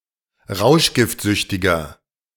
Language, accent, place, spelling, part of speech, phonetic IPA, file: German, Germany, Berlin, rauschgiftsüchtiger, adjective, [ˈʁaʊ̯ʃɡɪftˌzʏçtɪɡɐ], De-rauschgiftsüchtiger.ogg
- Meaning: inflection of rauschgiftsüchtig: 1. strong/mixed nominative masculine singular 2. strong genitive/dative feminine singular 3. strong genitive plural